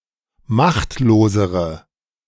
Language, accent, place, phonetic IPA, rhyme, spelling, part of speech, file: German, Germany, Berlin, [ˈmaxtloːzəʁə], -axtloːzəʁə, machtlosere, adjective, De-machtlosere.ogg
- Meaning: inflection of machtlos: 1. strong/mixed nominative/accusative feminine singular comparative degree 2. strong nominative/accusative plural comparative degree